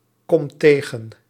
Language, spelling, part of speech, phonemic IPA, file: Dutch, komt tegen, verb, /ˈkɔmt ˈteɣə(n)/, Nl-komt tegen.ogg
- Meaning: inflection of tegenkomen: 1. second/third-person singular present indicative 2. plural imperative